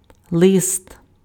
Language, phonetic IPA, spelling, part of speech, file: Ukrainian, [ɫɪst], лист, noun, Uk-лист.ogg
- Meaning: 1. leaf 2. letter 3. sheet 4. leaves